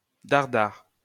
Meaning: alternative form of dare-dare
- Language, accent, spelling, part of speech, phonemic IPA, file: French, France, daredare, adverb, /daʁ.daʁ/, LL-Q150 (fra)-daredare.wav